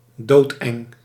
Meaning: extremely scary, terrifying
- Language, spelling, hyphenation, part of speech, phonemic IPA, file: Dutch, doodeng, dood‧eng, adjective, /doːtˈɛŋ/, Nl-doodeng.ogg